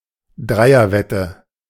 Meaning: trifecta (betting)
- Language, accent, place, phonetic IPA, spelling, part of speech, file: German, Germany, Berlin, [ˈdʁaɪ̯ɐˌvɛtə], Dreierwette, noun, De-Dreierwette.ogg